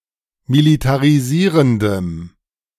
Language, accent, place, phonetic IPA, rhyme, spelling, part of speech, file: German, Germany, Berlin, [militaʁiˈziːʁəndəm], -iːʁəndəm, militarisierendem, adjective, De-militarisierendem.ogg
- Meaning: strong dative masculine/neuter singular of militarisierend